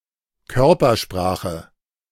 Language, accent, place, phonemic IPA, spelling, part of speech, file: German, Germany, Berlin, /ˈkœʁpɐˌʃpʁaːxə/, Körpersprache, noun, De-Körpersprache.ogg
- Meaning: body language